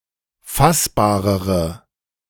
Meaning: inflection of fassbar: 1. strong/mixed nominative/accusative feminine singular comparative degree 2. strong nominative/accusative plural comparative degree
- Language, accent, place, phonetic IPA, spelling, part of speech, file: German, Germany, Berlin, [ˈfasbaːʁəʁə], fassbarere, adjective, De-fassbarere.ogg